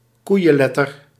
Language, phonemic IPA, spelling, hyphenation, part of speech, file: Dutch, /ˈkui̯.ə(n)ˌlɛ.tər/, koeienletter, koei‧en‧let‧ter, noun, Nl-koeienletter.ogg
- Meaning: a huge letter (character of the alphabet)